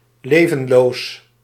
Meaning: 1. lifeless, dead 2. lifeless, inanimate 3. listless
- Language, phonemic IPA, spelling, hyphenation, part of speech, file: Dutch, /ˈleː.və(n)ˌloːs/, levenloos, le‧ven‧loos, adjective, Nl-levenloos.ogg